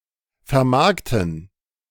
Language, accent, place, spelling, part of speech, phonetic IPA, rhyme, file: German, Germany, Berlin, vermarkten, verb, [fɛɐ̯ˈmaʁktn̩], -aʁktn̩, De-vermarkten.ogg
- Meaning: to market